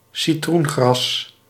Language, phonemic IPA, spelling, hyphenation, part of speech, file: Dutch, /siˈtrunˌɣrɑs/, citroengras, ci‧troen‧gras, noun, Nl-citroengras.ogg
- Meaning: lemongrass (Cymbopogon citratus)